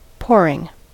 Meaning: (verb) present participle and gerund of pour; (noun) The act by which something is poured; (adjective) Flowing or falling intensely
- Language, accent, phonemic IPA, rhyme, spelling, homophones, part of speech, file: English, US, /ˈpɔːɹɪŋ/, -ɔːɹɪŋ, pouring, poring, verb / noun / adjective, En-us-pouring.ogg